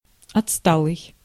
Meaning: 1. outdated, retrograde 2. backward, retarded (in terms of development of a person)
- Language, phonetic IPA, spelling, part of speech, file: Russian, [ɐt͡sˈstaɫɨj], отсталый, adjective, Ru-отсталый.ogg